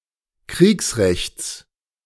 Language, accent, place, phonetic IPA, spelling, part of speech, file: German, Germany, Berlin, [ˈkʁiːksʁɛçt͡s], Kriegsrechts, noun, De-Kriegsrechts.ogg
- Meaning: genitive of Kriegsrecht